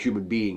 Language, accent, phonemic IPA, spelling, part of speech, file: English, US, /ˌhjuːmən ˈbiːɪŋ/, human being, noun, En-us-human-being.ogg
- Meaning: 1. A person; a large sapient, bipedal primate, with notably less hair than others of that order, of the species Homo sapiens 2. Any member of the genus Homo, including extinct species